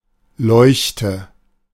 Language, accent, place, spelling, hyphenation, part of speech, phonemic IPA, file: German, Germany, Berlin, Leuchte, Leuch‧te, noun, /ˈlɔʏ̯çtə/, De-Leuchte.ogg
- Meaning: 1. lamp, light 2. beacon 3. genius, luminary